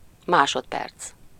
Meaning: second (unit of time)
- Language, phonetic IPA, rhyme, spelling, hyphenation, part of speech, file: Hungarian, [ˈmaːʃotpɛrt͡s], -ɛrt͡s, másodperc, má‧sod‧perc, noun, Hu-másodperc.ogg